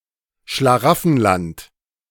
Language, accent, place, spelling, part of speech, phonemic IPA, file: German, Germany, Berlin, Schlaraffenland, noun, /ʃlaˈʁafənlant/, De-Schlaraffenland.ogg
- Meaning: Cockaigne